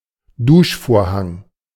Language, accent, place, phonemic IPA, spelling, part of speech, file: German, Germany, Berlin, /ˈduːʃfoːɐ̯haŋ/, Duschvorhang, noun, De-Duschvorhang.ogg
- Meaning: shower curtain